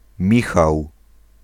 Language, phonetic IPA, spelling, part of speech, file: Polish, [ˈmʲixaw], Michał, proper noun, Pl-Michał.ogg